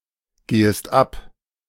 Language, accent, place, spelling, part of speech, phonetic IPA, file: German, Germany, Berlin, gehest ab, verb, [ˌɡeːəst ˈap], De-gehest ab.ogg
- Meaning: second-person singular subjunctive I of abgehen